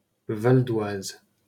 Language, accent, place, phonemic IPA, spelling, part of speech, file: French, France, Paris, /val.d‿waz/, Val-d'Oise, proper noun, LL-Q150 (fra)-Val-d'Oise.wav
- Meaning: Val-d'Oise (a department of Île-de-France, France)